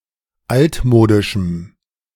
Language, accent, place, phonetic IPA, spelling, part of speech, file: German, Germany, Berlin, [ˈaltˌmoːdɪʃm̩], altmodischem, adjective, De-altmodischem.ogg
- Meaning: strong dative masculine/neuter singular of altmodisch